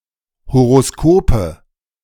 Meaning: nominative/accusative/genitive plural of Horoskop
- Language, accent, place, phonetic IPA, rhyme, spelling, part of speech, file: German, Germany, Berlin, [hoʁoˈskoːpə], -oːpə, Horoskope, noun, De-Horoskope.ogg